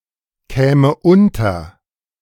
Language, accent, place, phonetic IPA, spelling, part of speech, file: German, Germany, Berlin, [ˌkɛːmə ˈʊntɐ], käme unter, verb, De-käme unter.ogg
- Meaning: first/third-person singular subjunctive II of unterkommen